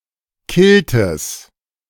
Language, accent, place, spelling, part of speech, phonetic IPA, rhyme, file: German, Germany, Berlin, Kiltes, noun, [ˈkɪltəs], -ɪltəs, De-Kiltes.ogg
- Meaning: genitive of Kilt